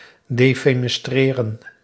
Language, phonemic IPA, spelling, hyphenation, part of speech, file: Dutch, /ˌdeː.feː.nɛsˈtreː.rə(n)/, defenestreren, de‧fe‧nes‧tre‧ren, verb, Nl-defenestreren.ogg
- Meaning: to defenestrate